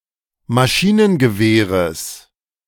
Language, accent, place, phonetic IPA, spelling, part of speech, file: German, Germany, Berlin, [maˈʃiːnənɡəˌveːʁəs], Maschinengewehres, noun, De-Maschinengewehres.ogg
- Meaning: genitive singular of Maschinengewehr